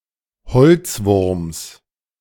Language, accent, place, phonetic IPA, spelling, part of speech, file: German, Germany, Berlin, [ˈhɔlt͡sˌvʊʁms], Holzwurms, noun, De-Holzwurms.ogg
- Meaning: genitive singular of Holzwurm